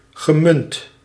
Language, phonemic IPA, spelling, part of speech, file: Dutch, /ɣəˈmʏnt/, gemunt, verb / adjective, Nl-gemunt.ogg
- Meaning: past participle of munten